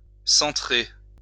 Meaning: to center (put into, move into to center)
- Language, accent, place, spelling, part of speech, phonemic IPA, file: French, France, Lyon, centrer, verb, /sɑ̃.tʁe/, LL-Q150 (fra)-centrer.wav